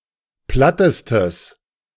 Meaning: strong/mixed nominative/accusative neuter singular superlative degree of platt
- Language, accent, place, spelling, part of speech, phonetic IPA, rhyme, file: German, Germany, Berlin, plattestes, adjective, [ˈplatəstəs], -atəstəs, De-plattestes.ogg